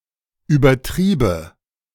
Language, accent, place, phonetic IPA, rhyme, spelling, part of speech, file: German, Germany, Berlin, [yːbɐˈtʁiːbə], -iːbə, übertriebe, verb, De-übertriebe.ogg
- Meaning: first/third-person singular subjunctive II of übertreiben